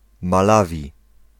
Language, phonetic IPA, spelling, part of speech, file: Polish, [maˈlavʲi], Malawi, proper noun, Pl-Malawi.ogg